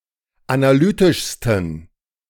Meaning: 1. superlative degree of analytisch 2. inflection of analytisch: strong genitive masculine/neuter singular superlative degree
- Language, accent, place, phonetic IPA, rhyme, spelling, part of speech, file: German, Germany, Berlin, [anaˈlyːtɪʃstn̩], -yːtɪʃstn̩, analytischsten, adjective, De-analytischsten.ogg